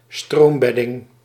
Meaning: bed of a stream
- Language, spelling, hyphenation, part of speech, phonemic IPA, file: Dutch, stroombedding, stroom‧bed‧ding, noun, /ˈstroːmˌbɛ.dɪŋ/, Nl-stroombedding.ogg